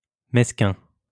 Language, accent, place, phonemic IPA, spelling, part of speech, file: French, France, Lyon, /mɛs.kɛ̃/, mesquin, adjective, LL-Q150 (fra)-mesquin.wav
- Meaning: 1. unimportant 2. small-minded, petty 3. poor, of poor quality 4. stingy, tight-fisted 5. mean